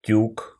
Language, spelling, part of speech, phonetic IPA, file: Russian, тюк, noun, [tʲuk], Ru-тюк.ogg
- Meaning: package, bale